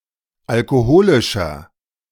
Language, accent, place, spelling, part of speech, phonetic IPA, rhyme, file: German, Germany, Berlin, alkoholischer, adjective, [alkoˈhoːlɪʃɐ], -oːlɪʃɐ, De-alkoholischer.ogg
- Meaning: inflection of alkoholisch: 1. strong/mixed nominative masculine singular 2. strong genitive/dative feminine singular 3. strong genitive plural